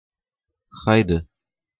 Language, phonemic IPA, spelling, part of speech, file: Romanian, /ˈhaj.de/, haide, interjection, Ro-haide.ogg
- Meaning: 1. come on, c'mon 2. let's ...